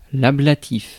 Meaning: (adjective) 1. ablation 2. conceived to resist a process of ablation 3. of the ablative case; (noun) 1. ablative, ablative case 2. a word or expression in the ablative case
- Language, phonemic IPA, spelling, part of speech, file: French, /a.bla.tif/, ablatif, adjective / noun, Fr-ablatif.ogg